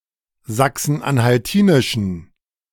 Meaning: inflection of sachsen-anhaltinisch: 1. strong genitive masculine/neuter singular 2. weak/mixed genitive/dative all-gender singular 3. strong/weak/mixed accusative masculine singular
- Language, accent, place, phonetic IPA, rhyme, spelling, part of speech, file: German, Germany, Berlin, [ˌzaksn̩ʔanhalˈtiːnɪʃn̩], -iːnɪʃn̩, sachsen-anhaltinischen, adjective, De-sachsen-anhaltinischen.ogg